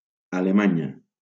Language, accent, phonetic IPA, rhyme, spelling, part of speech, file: Catalan, Valencia, [a.leˈma.ɲa], -aɲa, Alemanya, proper noun, LL-Q7026 (cat)-Alemanya.wav
- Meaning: Germany (a country in Central Europe)